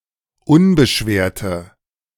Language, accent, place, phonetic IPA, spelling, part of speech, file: German, Germany, Berlin, [ˈʊnbəˌʃveːɐ̯tə], unbeschwerte, adjective, De-unbeschwerte.ogg
- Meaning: inflection of unbeschwert: 1. strong/mixed nominative/accusative feminine singular 2. strong nominative/accusative plural 3. weak nominative all-gender singular